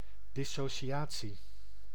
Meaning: dissociation (act of dissociating)
- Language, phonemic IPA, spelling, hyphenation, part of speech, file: Dutch, /ˌdɪ.soːˈʃaː.(t)si/, dissociatie, dis‧so‧ci‧a‧tie, noun, Nl-dissociatie.ogg